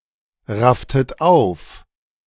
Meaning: inflection of aufraffen: 1. second-person plural preterite 2. second-person plural subjunctive II
- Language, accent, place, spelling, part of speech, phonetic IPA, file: German, Germany, Berlin, rafftet auf, verb, [ˌʁaftət ˈaʊ̯f], De-rafftet auf.ogg